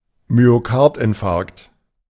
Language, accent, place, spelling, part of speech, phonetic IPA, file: German, Germany, Berlin, Myokardinfarkt, noun, [myoˈkaʁtʔɪnˌfaʁkt], De-Myokardinfarkt.ogg
- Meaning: myocardial infarction (necrosis of heart muscle), heart attack